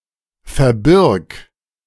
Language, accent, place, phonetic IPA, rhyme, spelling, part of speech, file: German, Germany, Berlin, [fɛɐ̯ˈbɪʁk], -ɪʁk, verbirg, verb, De-verbirg.ogg
- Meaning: singular imperative of verbergen